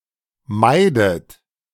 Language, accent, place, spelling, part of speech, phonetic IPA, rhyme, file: German, Germany, Berlin, meidet, verb, [ˈmaɪ̯dət], -aɪ̯dət, De-meidet.ogg
- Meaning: inflection of meiden: 1. third-person singular present 2. second-person plural present 3. second-person plural subjunctive I 4. plural imperative